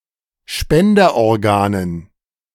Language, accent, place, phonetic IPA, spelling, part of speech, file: German, Germany, Berlin, [ˈʃpɛndɐʔɔʁˌɡaːnən], Spenderorganen, noun, De-Spenderorganen.ogg
- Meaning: dative plural of Spenderorgan